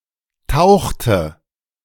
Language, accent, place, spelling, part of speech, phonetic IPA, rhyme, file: German, Germany, Berlin, tauchte, verb, [ˈtaʊ̯xtə], -aʊ̯xtə, De-tauchte.ogg
- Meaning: inflection of tauchen: 1. first/third-person singular preterite 2. first/third-person singular subjunctive II